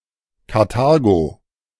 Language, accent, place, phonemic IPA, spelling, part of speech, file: German, Germany, Berlin, /kaʁˈtaːɡoː/, Karthago, proper noun, De-Karthago.ogg
- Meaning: 1. Carthage (an ancient city in North Africa, in modern Tunisia) 2. Carthage (an ancient civilisation in North Africa, centred on the city of Carthage)